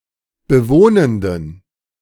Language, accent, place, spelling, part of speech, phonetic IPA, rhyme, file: German, Germany, Berlin, bewohnenden, adjective, [bəˈvoːnəndn̩], -oːnəndn̩, De-bewohnenden.ogg
- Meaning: inflection of bewohnend: 1. strong genitive masculine/neuter singular 2. weak/mixed genitive/dative all-gender singular 3. strong/weak/mixed accusative masculine singular 4. strong dative plural